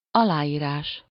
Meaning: signature (a person's name, written by that person, used as identification or to signify approval of accompanying material, such as a legal contract)
- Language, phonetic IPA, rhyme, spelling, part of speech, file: Hungarian, [ˈɒlaːjiːraːʃ], -aːʃ, aláírás, noun, Hu-aláírás.ogg